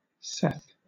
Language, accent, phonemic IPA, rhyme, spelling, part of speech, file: English, Southern England, /sɛθ/, -ɛθ, Seth, proper noun, LL-Q1860 (eng)-Seth.wav
- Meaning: 1. The third son of Adam and Eve 2. A male given name from Hebrew 3. An ancient Egyptian god, variously described as the god of chaos, the god of thunder and storms, or the god of destruction